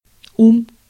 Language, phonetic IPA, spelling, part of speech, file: Russian, [um], ум, noun, Ru-ум.ogg
- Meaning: 1. mind 2. intellect 3. cleverness, brains, wit 4. reason